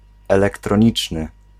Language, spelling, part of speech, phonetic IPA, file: Polish, elektroniczny, adjective, [ˌɛlɛktrɔ̃ˈɲit͡ʃnɨ], Pl-elektroniczny.ogg